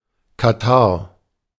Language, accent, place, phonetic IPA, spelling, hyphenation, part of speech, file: German, Germany, Berlin, [kaˈtaʁ], Katarrh, Ka‧tarrh, noun, De-Katarrh.ogg
- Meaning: catarrh